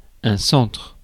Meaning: 1. centre, center 2. cross, specifically one directed into the penalty area
- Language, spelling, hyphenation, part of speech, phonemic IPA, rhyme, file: French, centre, centre, noun, /sɑ̃tʁ/, -ɑ̃tʁ, Fr-centre.ogg